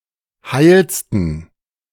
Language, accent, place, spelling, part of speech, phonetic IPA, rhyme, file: German, Germany, Berlin, heilsten, adjective, [ˈhaɪ̯lstn̩], -aɪ̯lstn̩, De-heilsten.ogg
- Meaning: 1. superlative degree of heil 2. inflection of heil: strong genitive masculine/neuter singular superlative degree